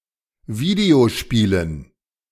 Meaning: dative plural of Videospiel
- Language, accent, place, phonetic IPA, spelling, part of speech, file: German, Germany, Berlin, [ˈviːdeoˌʃpiːlən], Videospielen, noun, De-Videospielen.ogg